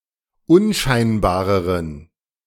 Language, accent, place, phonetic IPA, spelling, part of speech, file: German, Germany, Berlin, [ˈʊnˌʃaɪ̯nbaːʁəʁən], unscheinbareren, adjective, De-unscheinbareren.ogg
- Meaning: inflection of unscheinbar: 1. strong genitive masculine/neuter singular comparative degree 2. weak/mixed genitive/dative all-gender singular comparative degree